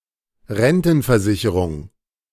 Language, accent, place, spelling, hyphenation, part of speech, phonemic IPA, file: German, Germany, Berlin, Rentenversicherung, Ren‧ten‧ver‧si‧che‧rung, noun, /ˈʁɛntn̩fɛɐ̯ˌzɪçəʁʊŋ/, De-Rentenversicherung.ogg
- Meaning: pension / annuity insurance